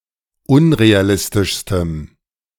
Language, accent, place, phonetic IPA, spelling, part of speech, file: German, Germany, Berlin, [ˈʊnʁeaˌlɪstɪʃstəm], unrealistischstem, adjective, De-unrealistischstem.ogg
- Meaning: strong dative masculine/neuter singular superlative degree of unrealistisch